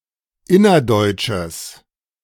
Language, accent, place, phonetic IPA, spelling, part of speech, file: German, Germany, Berlin, [ˈɪnɐˌdɔɪ̯t͡ʃəs], innerdeutsches, adjective, De-innerdeutsches.ogg
- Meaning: strong/mixed nominative/accusative neuter singular of innerdeutsch